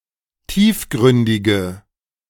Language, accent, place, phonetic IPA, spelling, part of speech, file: German, Germany, Berlin, [ˈtiːfˌɡʁʏndɪɡə], tiefgründige, adjective, De-tiefgründige.ogg
- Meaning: inflection of tiefgründig: 1. strong/mixed nominative/accusative feminine singular 2. strong nominative/accusative plural 3. weak nominative all-gender singular